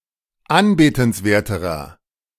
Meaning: inflection of anbetenswert: 1. strong/mixed nominative masculine singular comparative degree 2. strong genitive/dative feminine singular comparative degree 3. strong genitive plural comparative degree
- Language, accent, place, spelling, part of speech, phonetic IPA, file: German, Germany, Berlin, anbetenswerterer, adjective, [ˈanbeːtn̩sˌveːɐ̯təʁɐ], De-anbetenswerterer.ogg